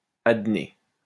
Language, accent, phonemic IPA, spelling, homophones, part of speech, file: French, France, /ad.ne/, adné, adnée / adnés / adnées, adjective, LL-Q150 (fra)-adné.wav
- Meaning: adnate (linked or fused)